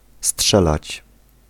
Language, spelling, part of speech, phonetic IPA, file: Polish, strzelać, verb, [ˈsṭʃɛlat͡ɕ], Pl-strzelać.ogg